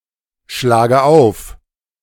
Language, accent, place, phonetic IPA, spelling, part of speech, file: German, Germany, Berlin, [ˌʃlaːɡə ˈaʊ̯f], schlage auf, verb, De-schlage auf.ogg
- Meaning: inflection of aufschlagen: 1. first-person singular present 2. first/third-person singular subjunctive I 3. singular imperative